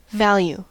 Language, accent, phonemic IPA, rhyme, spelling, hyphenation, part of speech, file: English, US, /ˈvæl.ju/, -æljuː, value, val‧ue, noun / verb, En-us-value.ogg
- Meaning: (noun) 1. The quality that renders something desirable or valuable; worth 2. The degree of importance given to something